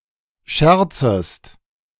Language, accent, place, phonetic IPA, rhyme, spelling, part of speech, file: German, Germany, Berlin, [ˈʃɛʁt͡səst], -ɛʁt͡səst, scherzest, verb, De-scherzest.ogg
- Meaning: second-person singular subjunctive I of scherzen